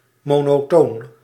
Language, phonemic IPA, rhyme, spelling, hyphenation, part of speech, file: Dutch, /ˌmoː.noːˈtoːn/, -oːn, monotoon, mo‧no‧toon, adjective, Nl-monotoon.ogg
- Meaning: monotonous